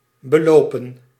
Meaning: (verb) 1. to walk on 2. to amount to; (noun) plural of beloop
- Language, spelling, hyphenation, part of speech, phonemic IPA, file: Dutch, belopen, be‧lo‧pen, verb / noun, /bəˈloː.pə(n)/, Nl-belopen.ogg